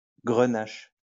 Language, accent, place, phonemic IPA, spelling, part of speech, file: French, France, Lyon, /ɡʁə.naʃ/, grenache, noun, LL-Q150 (fra)-grenache.wav
- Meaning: grenache